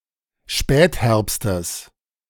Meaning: genitive singular of Spätherbst
- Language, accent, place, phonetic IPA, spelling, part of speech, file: German, Germany, Berlin, [ˈʃpɛːtˌhɛʁpstəs], Spätherbstes, noun, De-Spätherbstes.ogg